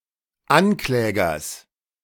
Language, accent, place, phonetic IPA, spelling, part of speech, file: German, Germany, Berlin, [ˈanˌklɛːɡɐs], Anklägers, noun, De-Anklägers.ogg
- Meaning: genitive of Ankläger